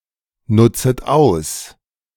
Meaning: second-person plural subjunctive I of ausnutzen
- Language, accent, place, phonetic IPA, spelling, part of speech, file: German, Germany, Berlin, [ˌnʊt͡sət ˈaʊ̯s], nutzet aus, verb, De-nutzet aus.ogg